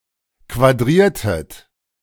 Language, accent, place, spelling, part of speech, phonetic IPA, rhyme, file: German, Germany, Berlin, quadriertet, verb, [kvaˈdʁiːɐ̯tət], -iːɐ̯tət, De-quadriertet.ogg
- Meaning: inflection of quadrieren: 1. second-person plural preterite 2. second-person plural subjunctive II